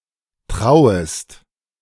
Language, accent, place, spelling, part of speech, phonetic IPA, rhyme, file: German, Germany, Berlin, trauest, verb, [ˈtʁaʊ̯əst], -aʊ̯əst, De-trauest.ogg
- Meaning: second-person singular subjunctive I of trauen